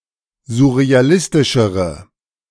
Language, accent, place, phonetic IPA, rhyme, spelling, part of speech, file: German, Germany, Berlin, [zʊʁeaˈlɪstɪʃəʁə], -ɪstɪʃəʁə, surrealistischere, adjective, De-surrealistischere.ogg
- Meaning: inflection of surrealistisch: 1. strong/mixed nominative/accusative feminine singular comparative degree 2. strong nominative/accusative plural comparative degree